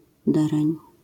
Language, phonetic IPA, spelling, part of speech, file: Polish, [ˈdɛrɛ̃ɲ], dereń, noun, LL-Q809 (pol)-dereń.wav